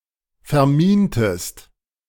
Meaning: inflection of verminen: 1. second-person singular preterite 2. second-person singular subjunctive II
- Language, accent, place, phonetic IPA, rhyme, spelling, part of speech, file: German, Germany, Berlin, [fɛɐ̯ˈmiːntəst], -iːntəst, vermintest, verb, De-vermintest.ogg